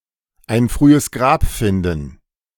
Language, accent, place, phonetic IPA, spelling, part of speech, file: German, Germany, Berlin, [aɪ̯n ˈfʁyːəs ɡʁaːp ˈfɪndn̩], ein frühes Grab finden, verb, De-ein frühes Grab finden.ogg
- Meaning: to find an early grave, to die young